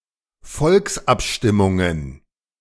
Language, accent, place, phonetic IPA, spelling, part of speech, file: German, Germany, Berlin, [ˈfɔlksʔapˌʃtɪmʊŋən], Volksabstimmungen, noun, De-Volksabstimmungen.ogg
- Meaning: plural of Volksabstimmung